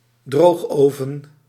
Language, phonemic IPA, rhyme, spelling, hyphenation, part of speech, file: Dutch, /ˈdroːxˌoː.vən/, -oːxoːvən, droogoven, droog‧oven, noun, Nl-droogoven.ogg
- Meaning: kiln, drying oven, drying furnace